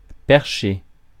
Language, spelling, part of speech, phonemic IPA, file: French, percher, verb, /pɛʁ.ʃe/, Fr-percher.ogg
- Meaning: 1. to perch 2. to boom, operate a boom